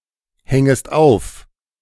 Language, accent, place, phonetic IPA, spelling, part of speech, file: German, Germany, Berlin, [ˌhɛŋəst ˈaʊ̯f], hängest auf, verb, De-hängest auf.ogg
- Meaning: second-person singular subjunctive I of aufhängen